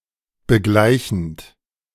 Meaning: present participle of begleichen
- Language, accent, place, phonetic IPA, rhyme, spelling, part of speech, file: German, Germany, Berlin, [bəˈɡlaɪ̯çn̩t], -aɪ̯çn̩t, begleichend, verb, De-begleichend.ogg